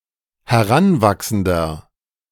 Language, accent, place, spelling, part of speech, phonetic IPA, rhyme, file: German, Germany, Berlin, heranwachsender, adjective, [hɛˈʁanˌvaksn̩dɐ], -anvaksn̩dɐ, De-heranwachsender.ogg
- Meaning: inflection of heranwachsend: 1. strong/mixed nominative masculine singular 2. strong genitive/dative feminine singular 3. strong genitive plural